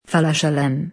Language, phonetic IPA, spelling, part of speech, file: Volapük, [falaʃeˈløm], falajelöm, noun, Vo-falajelöm.ogg
- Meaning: parachute